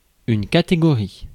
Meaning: category
- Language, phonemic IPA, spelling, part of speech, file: French, /ka.te.ɡɔ.ʁi/, catégorie, noun, Fr-catégorie.ogg